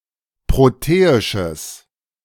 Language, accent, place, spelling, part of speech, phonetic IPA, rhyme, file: German, Germany, Berlin, proteisches, adjective, [ˌpʁoˈteːɪʃəs], -eːɪʃəs, De-proteisches.ogg
- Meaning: strong/mixed nominative/accusative neuter singular of proteisch